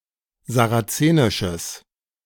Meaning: strong/mixed nominative/accusative neuter singular of sarazenisch
- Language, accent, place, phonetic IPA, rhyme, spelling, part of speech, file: German, Germany, Berlin, [zaʁaˈt͡seːnɪʃəs], -eːnɪʃəs, sarazenisches, adjective, De-sarazenisches.ogg